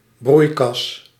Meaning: greenhouse
- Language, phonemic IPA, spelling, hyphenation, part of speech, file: Dutch, /ˈbrui̯.kɑs/, broeikas, broei‧kas, noun, Nl-broeikas.ogg